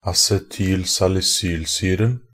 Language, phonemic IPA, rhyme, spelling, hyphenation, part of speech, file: Norwegian Bokmål, /asɛtyːl.salɪˈsyːlsyːrn̩/, -yːrn̩, acetylsalisylsyren, a‧ce‧tyl‧sal‧i‧syl‧syr‧en, noun, Nb-acetylsalisylsyren.ogg
- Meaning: definite masculine singular of acetylsalisylsyre